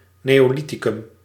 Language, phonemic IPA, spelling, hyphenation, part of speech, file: Dutch, /ˌneː.oːˈli.ti.kʏm/, neolithicum, neo‧li‧thi‧cum, proper noun, Nl-neolithicum.ogg
- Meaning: Neolithic